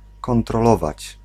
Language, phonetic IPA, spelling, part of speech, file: Polish, [ˌkɔ̃ntrɔˈlɔvat͡ɕ], kontrolować, verb, Pl-kontrolować.ogg